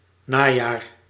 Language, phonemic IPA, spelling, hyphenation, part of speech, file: Dutch, /ˈnaː.jaːr/, najaar, na‧jaar, noun, Nl-najaar.ogg
- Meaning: fall, autumn (season after summer)